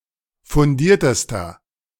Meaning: inflection of fundiert: 1. strong/mixed nominative masculine singular superlative degree 2. strong genitive/dative feminine singular superlative degree 3. strong genitive plural superlative degree
- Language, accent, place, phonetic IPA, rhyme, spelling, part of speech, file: German, Germany, Berlin, [fʊnˈdiːɐ̯təstɐ], -iːɐ̯təstɐ, fundiertester, adjective, De-fundiertester.ogg